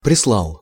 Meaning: masculine singular past indicative perfective of присла́ть (prislátʹ)
- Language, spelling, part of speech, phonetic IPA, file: Russian, прислал, verb, [prʲɪsˈɫaɫ], Ru-прислал.ogg